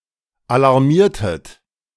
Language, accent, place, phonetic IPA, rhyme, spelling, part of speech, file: German, Germany, Berlin, [alaʁˈmiːɐ̯tət], -iːɐ̯tət, alarmiertet, verb, De-alarmiertet.ogg
- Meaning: inflection of alarmieren: 1. second-person plural preterite 2. second-person plural subjunctive II